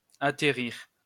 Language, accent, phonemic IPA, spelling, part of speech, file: French, France, /a.te.ʁiʁ/, attérir, verb, LL-Q150 (fra)-attérir.wav
- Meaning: dated form of atterrir